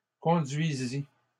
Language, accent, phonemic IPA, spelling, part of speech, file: French, Canada, /kɔ̃.dɥi.zi/, conduisît, verb, LL-Q150 (fra)-conduisît.wav
- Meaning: third-person singular imperfect subjunctive of conduire